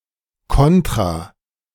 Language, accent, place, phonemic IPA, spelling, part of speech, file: German, Germany, Berlin, /ˈkɔntʁa/, kontra-, prefix, De-kontra-.ogg
- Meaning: 1. counter- (in opposition to) 2. double (in music, of an instrument, sounding an octave lower)